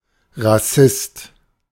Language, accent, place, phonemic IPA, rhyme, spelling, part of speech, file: German, Germany, Berlin, /ʁaˈsɪst/, -ɪst, Rassist, noun, De-Rassist.ogg
- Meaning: racist (person)